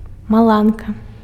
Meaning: 1. lightning bolt, lightning (weather phenomenon) 2. zipper (a zip fastener) 3. urgent telegram (a message transmitted by telegraph) 4. wall newspaper issued to address something urgent
- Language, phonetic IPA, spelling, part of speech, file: Belarusian, [maˈɫanka], маланка, noun, Be-маланка.ogg